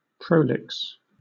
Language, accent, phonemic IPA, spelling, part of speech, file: English, Southern England, /ˈpɹəʊ.lɪks/, prolix, adjective / verb, LL-Q1860 (eng)-prolix.wav
- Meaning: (adjective) 1. Tediously lengthy; dwelling on trivial details 2. Long; having great length; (verb) To be tediously lengthy